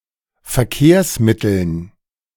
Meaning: dative plural of Verkehrsmittel
- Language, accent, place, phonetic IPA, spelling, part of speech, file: German, Germany, Berlin, [fɛɐ̯ˈkeːɐ̯sˌmɪtl̩n], Verkehrsmitteln, noun, De-Verkehrsmitteln.ogg